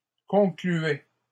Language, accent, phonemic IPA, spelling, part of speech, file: French, Canada, /kɔ̃.kly.ɛ/, concluait, verb, LL-Q150 (fra)-concluait.wav
- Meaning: third-person singular imperfect indicative of conclure